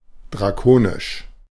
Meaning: draconian
- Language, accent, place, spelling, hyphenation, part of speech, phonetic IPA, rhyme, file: German, Germany, Berlin, drakonisch, dra‧ko‧nisch, adjective, [dʁaˈkoːnɪʃ], -oːnɪʃ, De-drakonisch.ogg